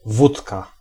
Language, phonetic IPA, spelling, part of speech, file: Polish, [ˈvutka], wódka, noun, Pl-wódka.ogg